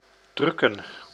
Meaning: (verb) 1. to press 2. to print 3. to hide (by pressing its body close to the ground) 4. to shirk 5. to defecate; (noun) plural of druk
- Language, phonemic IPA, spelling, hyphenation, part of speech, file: Dutch, /ˈdrʏkə(n)/, drukken, druk‧ken, verb / noun, Nl-drukken.ogg